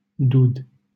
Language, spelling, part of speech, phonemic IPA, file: Romanian, Dud, proper noun, /dud/, LL-Q7913 (ron)-Dud.wav
- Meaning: a village in Târnova, Arad County, Romania